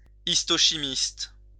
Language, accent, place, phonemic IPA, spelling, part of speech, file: French, France, Lyon, /is.to.ʃi.mist/, histochimiste, noun, LL-Q150 (fra)-histochimiste.wav
- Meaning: histochemist